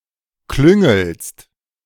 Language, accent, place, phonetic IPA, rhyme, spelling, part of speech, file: German, Germany, Berlin, [ˈklʏŋl̩st], -ʏŋl̩st, klüngelst, verb, De-klüngelst.ogg
- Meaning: second-person singular present of klüngeln